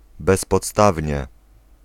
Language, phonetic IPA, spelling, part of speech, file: Polish, [ˌbɛspɔtˈstavʲɲɛ], bezpodstawnie, adverb, Pl-bezpodstawnie.ogg